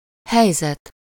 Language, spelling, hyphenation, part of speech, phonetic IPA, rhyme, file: Hungarian, helyzet, hely‧zet, noun, [ˈhɛjzɛt], -ɛt, Hu-helyzet.ogg
- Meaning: situation (one's status with regard to circumstances)